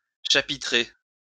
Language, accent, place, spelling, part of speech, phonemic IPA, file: French, France, Lyon, chapitrer, verb, /ʃa.pi.tʁe/, LL-Q150 (fra)-chapitrer.wav
- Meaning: to reprimand